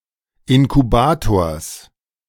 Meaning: genitive singular of Inkubator
- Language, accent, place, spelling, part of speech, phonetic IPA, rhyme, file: German, Germany, Berlin, Inkubators, noun, [ɪnkuˈbaːtoːɐ̯s], -aːtoːɐ̯s, De-Inkubators.ogg